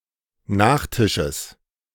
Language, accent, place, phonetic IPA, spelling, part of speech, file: German, Germany, Berlin, [ˈnaːxˌtɪʃəs], Nachtisches, noun, De-Nachtisches.ogg
- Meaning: genitive of Nachtisch